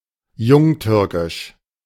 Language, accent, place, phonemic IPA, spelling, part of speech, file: German, Germany, Berlin, /ˈjʊŋˌtʏʁkɪʃ/, jungtürkisch, adjective, De-jungtürkisch.ogg
- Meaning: young Turk